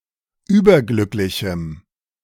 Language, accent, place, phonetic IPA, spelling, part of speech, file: German, Germany, Berlin, [ˈyːbɐˌɡlʏklɪçm̩], überglücklichem, adjective, De-überglücklichem.ogg
- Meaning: strong dative masculine/neuter singular of überglücklich